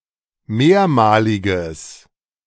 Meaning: strong/mixed nominative/accusative neuter singular of mehrmalig
- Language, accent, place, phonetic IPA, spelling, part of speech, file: German, Germany, Berlin, [ˈmeːɐ̯maːlɪɡəs], mehrmaliges, adjective, De-mehrmaliges.ogg